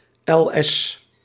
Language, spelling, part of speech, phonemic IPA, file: Dutch, L.S., phrase, /ˈɛlˌɛs/, Nl-L.S..ogg
- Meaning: greetings to the reader, lectori salutem